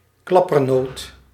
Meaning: coconut
- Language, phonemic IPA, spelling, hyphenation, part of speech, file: Dutch, /ˈklɑ.pərˌnoːt/, klappernoot, klap‧per‧noot, noun, Nl-klappernoot.ogg